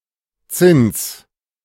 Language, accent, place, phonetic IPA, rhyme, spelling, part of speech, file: German, Germany, Berlin, [t͡sɪns], -ɪns, Zinns, noun, De-Zinns.ogg
- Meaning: genitive singular of Zinn